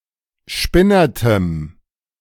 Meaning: strong dative masculine/neuter singular of spinnert
- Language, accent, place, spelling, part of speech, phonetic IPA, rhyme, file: German, Germany, Berlin, spinnertem, adjective, [ˈʃpɪnɐtəm], -ɪnɐtəm, De-spinnertem.ogg